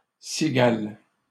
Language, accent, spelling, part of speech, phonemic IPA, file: French, Canada, cigales, noun, /si.ɡal/, LL-Q150 (fra)-cigales.wav
- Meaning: plural of cigale